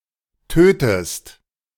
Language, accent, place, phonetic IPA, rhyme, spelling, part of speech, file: German, Germany, Berlin, [ˈtøːtəst], -øːtəst, tötest, verb, De-tötest.ogg
- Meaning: inflection of töten: 1. second-person singular present 2. second-person singular subjunctive I